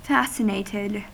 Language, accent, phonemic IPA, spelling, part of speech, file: English, US, /ˈfæsɪneɪtɪd/, fascinated, verb / adjective, En-us-fascinated.ogg
- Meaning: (verb) simple past and past participle of fascinate; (adjective) extremely interested